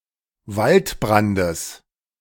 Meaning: genitive singular of Waldbrand
- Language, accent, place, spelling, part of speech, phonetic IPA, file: German, Germany, Berlin, Waldbrandes, noun, [ˈvaltˌbʁandəs], De-Waldbrandes.ogg